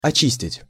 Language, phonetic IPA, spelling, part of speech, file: Russian, [ɐˈt͡ɕisʲtʲɪtʲ], очистить, verb, Ru-очистить.ogg
- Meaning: to clean, to cleanse, to purify, to purge